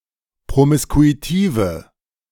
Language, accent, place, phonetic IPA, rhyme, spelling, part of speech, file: German, Germany, Berlin, [pʁomɪskuiˈtiːvə], -iːvə, promiskuitive, adjective, De-promiskuitive.ogg
- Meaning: inflection of promiskuitiv: 1. strong/mixed nominative/accusative feminine singular 2. strong nominative/accusative plural 3. weak nominative all-gender singular